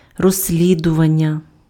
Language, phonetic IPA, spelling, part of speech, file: Ukrainian, [rozsʲˈlʲidʊʋɐnʲːɐ], розслідування, noun, Uk-розслідування.ogg
- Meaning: verbal noun of розслі́дувати (rozslíduvaty): investigation, inquiry